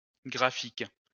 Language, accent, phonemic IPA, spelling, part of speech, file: French, France, /ɡʁa.fik/, graphique, noun / adjective, LL-Q150 (fra)-graphique.wav
- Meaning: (noun) graph (mathematical diagram); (adjective) graphic